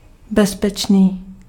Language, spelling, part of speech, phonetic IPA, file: Czech, bezpečný, adjective, [ˈbɛspɛt͡ʃniː], Cs-bezpečný.ogg
- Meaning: safe (free from risk)